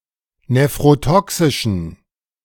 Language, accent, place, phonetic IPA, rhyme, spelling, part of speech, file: German, Germany, Berlin, [nefʁoˈtɔksɪʃn̩], -ɔksɪʃn̩, nephrotoxischen, adjective, De-nephrotoxischen.ogg
- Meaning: inflection of nephrotoxisch: 1. strong genitive masculine/neuter singular 2. weak/mixed genitive/dative all-gender singular 3. strong/weak/mixed accusative masculine singular 4. strong dative plural